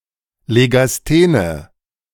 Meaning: inflection of legasthen: 1. strong/mixed nominative/accusative feminine singular 2. strong nominative/accusative plural 3. weak nominative all-gender singular
- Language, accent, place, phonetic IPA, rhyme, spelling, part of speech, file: German, Germany, Berlin, [leɡasˈteːnə], -eːnə, legasthene, adjective, De-legasthene.ogg